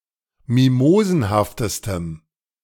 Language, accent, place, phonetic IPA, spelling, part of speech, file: German, Germany, Berlin, [ˈmimoːzn̩haftəstəm], mimosenhaftestem, adjective, De-mimosenhaftestem.ogg
- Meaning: strong dative masculine/neuter singular superlative degree of mimosenhaft